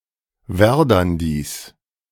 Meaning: genitive of Werdandi
- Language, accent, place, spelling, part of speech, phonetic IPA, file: German, Germany, Berlin, Werdandis, noun, [ˈvɛʁdandis], De-Werdandis.ogg